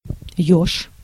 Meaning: 1. hedgehog (animal) 2. hedgehog (military barricade)
- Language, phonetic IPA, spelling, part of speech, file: Russian, [jɵʂ], ёж, noun, Ru-ёж.ogg